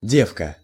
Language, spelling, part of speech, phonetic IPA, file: Russian, девка, noun, [ˈdʲefkə], Ru-девка.ogg
- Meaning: 1. wench, broad 2. whore, tart, strumpet